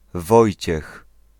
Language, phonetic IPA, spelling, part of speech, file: Polish, [ˈvɔjt͡ɕɛx], Wojciech, proper noun, Pl-Wojciech.ogg